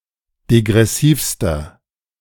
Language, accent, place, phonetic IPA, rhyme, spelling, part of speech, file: German, Germany, Berlin, [deɡʁɛˈsiːfstɐ], -iːfstɐ, degressivster, adjective, De-degressivster.ogg
- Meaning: inflection of degressiv: 1. strong/mixed nominative masculine singular superlative degree 2. strong genitive/dative feminine singular superlative degree 3. strong genitive plural superlative degree